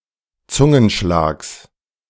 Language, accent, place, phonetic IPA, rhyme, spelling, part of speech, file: German, Germany, Berlin, [ˈt͡sʊŋənˌʃlaːks], -ʊŋənʃlaːks, Zungenschlags, noun, De-Zungenschlags.ogg
- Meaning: genitive singular of Zungenschlag